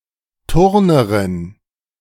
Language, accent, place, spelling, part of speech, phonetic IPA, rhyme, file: German, Germany, Berlin, Turnerin, noun, [ˈtʊʁnəʁɪn], -ʊʁnəʁɪn, De-Turnerin.ogg
- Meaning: a female gymnast